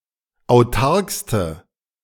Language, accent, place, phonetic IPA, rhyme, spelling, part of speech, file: German, Germany, Berlin, [aʊ̯ˈtaʁkstə], -aʁkstə, autarkste, adjective, De-autarkste.ogg
- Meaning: inflection of autark: 1. strong/mixed nominative/accusative feminine singular superlative degree 2. strong nominative/accusative plural superlative degree